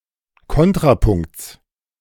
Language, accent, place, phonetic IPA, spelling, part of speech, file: German, Germany, Berlin, [ˈkɔntʁapʊŋkt͡s], Kontrapunkts, noun, De-Kontrapunkts.ogg
- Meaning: genitive of Kontrapunkt